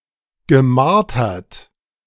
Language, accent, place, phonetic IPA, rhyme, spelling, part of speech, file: German, Germany, Berlin, [ɡəˈmaʁtɐt], -aʁtɐt, gemartert, verb, De-gemartert.ogg
- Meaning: past participle of martern